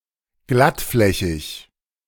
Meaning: smooth-surfaced, smooth
- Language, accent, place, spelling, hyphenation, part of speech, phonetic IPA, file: German, Germany, Berlin, glattflächig, glatt‧flä‧chig, adjective, [ˈɡlatˌflɛçɪç], De-glattflächig.ogg